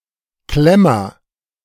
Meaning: pince-nez
- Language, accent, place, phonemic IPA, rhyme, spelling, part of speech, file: German, Germany, Berlin, /ˈklɛmɐ/, -ɛmɐ, Klemmer, noun, De-Klemmer.ogg